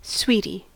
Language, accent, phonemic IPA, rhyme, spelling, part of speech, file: English, US, /ˈswi.ti/, -iːti, sweetie, noun, En-us-sweetie.ogg
- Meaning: 1. A person who is much loved 2. A sweetheart 3. A fruit that is a crossbreed between a grapefruit and a pomelo, originating in Israel 4. A sweet; a candy